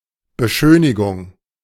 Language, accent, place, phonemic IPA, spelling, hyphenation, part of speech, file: German, Germany, Berlin, /bəˈʃøːnɪɡʊŋ/, Beschönigung, Be‧schö‧ni‧gung, noun, De-Beschönigung.ogg
- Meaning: embellishment